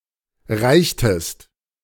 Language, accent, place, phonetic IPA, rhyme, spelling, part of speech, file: German, Germany, Berlin, [ˈʁaɪ̯çtəst], -aɪ̯çtəst, reichtest, verb, De-reichtest.ogg
- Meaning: inflection of reichen: 1. second-person singular preterite 2. second-person singular subjunctive II